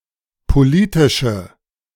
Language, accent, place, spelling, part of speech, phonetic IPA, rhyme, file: German, Germany, Berlin, politische, adjective, [poˈliːtɪʃə], -iːtɪʃə, De-politische.ogg
- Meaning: inflection of politisch: 1. strong/mixed nominative/accusative feminine singular 2. strong nominative/accusative plural 3. weak nominative all-gender singular